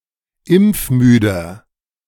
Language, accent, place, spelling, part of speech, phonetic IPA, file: German, Germany, Berlin, impfmüder, adjective, [ˈɪmp͡fˌmyːdɐ], De-impfmüder.ogg
- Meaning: 1. comparative degree of impfmüde 2. inflection of impfmüde: strong/mixed nominative masculine singular 3. inflection of impfmüde: strong genitive/dative feminine singular